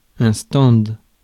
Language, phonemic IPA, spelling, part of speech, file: French, /stɑ̃d/, stand, noun, Fr-stand.ogg
- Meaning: 1. stand (In various senses, such as a small building, booth, or stage, as in a bandstand or hamburger stand.) 2. Pit